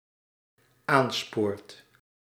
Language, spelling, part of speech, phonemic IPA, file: Dutch, aanspoort, verb, /ˈansport/, Nl-aanspoort.ogg
- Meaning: second/third-person singular dependent-clause present indicative of aansporen